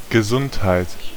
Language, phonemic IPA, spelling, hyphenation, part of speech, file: German, /ɡəˈzʊnthaɪ̯t/, Gesundheit, Ge‧sund‧heit, noun / interjection, De-Gesundheit.ogg
- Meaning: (noun) 1. health (state of being in good physical condition and free from illness) 2. health; soundness; strength; stability (state of being in good condition)